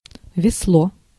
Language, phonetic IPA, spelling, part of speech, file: Russian, [vʲɪsˈɫo], весло, noun, Ru-весло.ogg
- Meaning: 1. oar, paddle, scull 2. spoon 3. rifle, especially a sniper rifle (which looks like an oar) 4. ala (side petal)